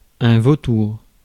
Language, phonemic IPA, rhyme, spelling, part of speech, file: French, /vo.tuʁ/, -uʁ, vautour, noun, Fr-vautour.ogg
- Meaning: 1. vulture 2. shark, vulture